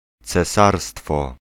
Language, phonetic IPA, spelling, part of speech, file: Polish, [t͡sɛˈsarstfɔ], cesarstwo, noun, Pl-cesarstwo.ogg